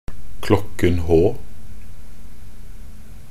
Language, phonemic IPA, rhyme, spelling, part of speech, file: Norwegian Bokmål, /ˈklɔkːn̩.hoː/, -oː, klokken H, noun, Nb-klokken h.ogg
- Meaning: zero hour or H-hour (The hour at which any major (usually military) event planned for the future is set to begin)